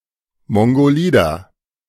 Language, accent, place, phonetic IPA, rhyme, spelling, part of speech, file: German, Germany, Berlin, [ˌmɔŋɡoˈliːdɐ], -iːdɐ, mongolider, adjective, De-mongolider.ogg
- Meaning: 1. comparative degree of mongolid 2. inflection of mongolid: strong/mixed nominative masculine singular 3. inflection of mongolid: strong genitive/dative feminine singular